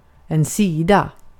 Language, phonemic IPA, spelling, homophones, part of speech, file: Swedish, /²siːda/, sida, seeda, noun / verb, Sv-sida.ogg
- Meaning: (noun) 1. side; a bounding straight edge or surface 2. side; a region in a specified position with respect to something 3. a particular cut of a slaughtered animal